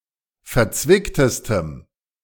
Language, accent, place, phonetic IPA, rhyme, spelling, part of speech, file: German, Germany, Berlin, [fɛɐ̯ˈt͡svɪktəstəm], -ɪktəstəm, verzwicktestem, adjective, De-verzwicktestem.ogg
- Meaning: strong dative masculine/neuter singular superlative degree of verzwickt